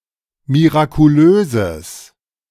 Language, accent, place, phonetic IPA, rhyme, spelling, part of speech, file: German, Germany, Berlin, [miʁakuˈløːzəs], -øːzəs, mirakulöses, adjective, De-mirakulöses.ogg
- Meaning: strong/mixed nominative/accusative neuter singular of mirakulös